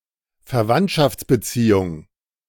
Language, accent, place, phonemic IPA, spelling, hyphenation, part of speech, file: German, Germany, Berlin, /fɛɐ̯ˈvantʃaft͡sbəˌtsiːʊŋ/, Verwandtschaftsbeziehung, Ver‧wandt‧schafts‧be‧zie‧hung, noun, De-Verwandtschaftsbeziehung.ogg
- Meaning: relationship, kinship